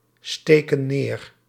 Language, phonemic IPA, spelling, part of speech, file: Dutch, /ˈstekə(n) ˈner/, steken neer, verb, Nl-steken neer.ogg
- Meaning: inflection of neersteken: 1. plural present indicative 2. plural present subjunctive